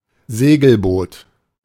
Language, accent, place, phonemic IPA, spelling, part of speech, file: German, Germany, Berlin, /ˈzeːɡl̩boːt/, Segelboot, noun, De-Segelboot.ogg
- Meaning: sailboat